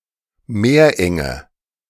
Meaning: strait (narrow channel of water)
- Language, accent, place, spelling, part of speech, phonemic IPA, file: German, Germany, Berlin, Meerenge, noun, /ˈmeːɐ̯ˌʔɛŋə/, De-Meerenge.ogg